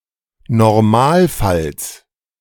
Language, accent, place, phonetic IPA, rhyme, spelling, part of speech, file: German, Germany, Berlin, [nɔʁˈmaːlˌfals], -aːlfals, Normalfalls, noun, De-Normalfalls.ogg
- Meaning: genitive singular of Normalfall